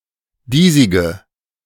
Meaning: inflection of diesig: 1. strong/mixed nominative/accusative feminine singular 2. strong nominative/accusative plural 3. weak nominative all-gender singular 4. weak accusative feminine/neuter singular
- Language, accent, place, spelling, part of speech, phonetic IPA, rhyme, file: German, Germany, Berlin, diesige, adjective, [ˈdiːzɪɡə], -iːzɪɡə, De-diesige.ogg